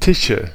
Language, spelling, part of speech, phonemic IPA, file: German, Tische, noun, /ˈtɪʃə/, De-Tische.ogg
- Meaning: nominative/accusative/genitive plural of Tisch